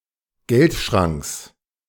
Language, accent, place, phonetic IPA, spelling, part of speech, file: German, Germany, Berlin, [ˈɡɛltˌʃʁaŋks], Geldschranks, noun, De-Geldschranks.ogg
- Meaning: genitive singular of Geldschrank